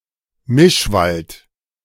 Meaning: mixed forest
- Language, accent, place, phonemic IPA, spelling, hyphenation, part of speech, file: German, Germany, Berlin, /ˈmɪʃˌvalt/, Mischwald, Misch‧wald, noun, De-Mischwald.ogg